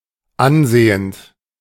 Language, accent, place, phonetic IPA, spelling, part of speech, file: German, Germany, Berlin, [ˈanˌzeːənt], ansehend, verb, De-ansehend.ogg
- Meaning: present participle of ansehen